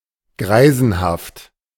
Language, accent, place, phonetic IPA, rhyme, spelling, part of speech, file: German, Germany, Berlin, [ˈɡʁaɪ̯zn̩haft], -aɪ̯zn̩haft, greisenhaft, adjective, De-greisenhaft.ogg
- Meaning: senile